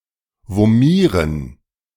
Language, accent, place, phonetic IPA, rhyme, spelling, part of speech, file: German, Germany, Berlin, [voˈmiːʁən], -iːʁən, vomieren, verb, De-vomieren.ogg
- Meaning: to vomit